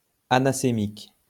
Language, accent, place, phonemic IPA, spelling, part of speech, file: French, France, Lyon, /a.na.se.mik/, anasémique, adjective, LL-Q150 (fra)-anasémique.wav
- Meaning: anasemic